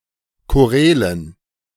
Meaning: dative plural of Choral
- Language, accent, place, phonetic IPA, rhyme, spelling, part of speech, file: German, Germany, Berlin, [koˈʁɛːlən], -ɛːlən, Chorälen, noun, De-Chorälen.ogg